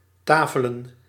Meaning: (verb) to dine at (a) table(s); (noun) plural of tafel
- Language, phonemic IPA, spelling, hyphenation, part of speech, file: Dutch, /ˈtaː.fə.lə(n)/, tafelen, ta‧fe‧len, verb / noun, Nl-tafelen.ogg